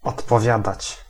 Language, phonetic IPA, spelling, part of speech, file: Polish, [ˌɔtpɔˈvʲjadat͡ɕ], odpowiadać, verb, Pl-odpowiadać.ogg